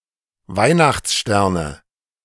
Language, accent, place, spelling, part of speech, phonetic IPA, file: German, Germany, Berlin, Weihnachtssterne, noun, [ˈvaɪ̯naxt͡sˌʃtɛʁnə], De-Weihnachtssterne.ogg
- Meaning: 1. dative singular of Weihnachtsstern 2. nominative/accusative/genitive plural of Weihnachtsstern